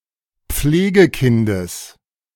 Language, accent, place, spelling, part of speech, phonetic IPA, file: German, Germany, Berlin, Pflegekindes, noun, [ˈp͡fleːɡəˌkɪndəs], De-Pflegekindes.ogg
- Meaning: genitive singular of Pflegekind